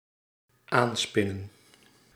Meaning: 1. to add, affix or join by weaving or spinning 2. to begin or add to a story, act or history; to start a conversation
- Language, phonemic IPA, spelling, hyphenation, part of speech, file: Dutch, /ˈaːnˌspɪ.nə(n)/, aanspinnen, aan‧spin‧nen, verb, Nl-aanspinnen.ogg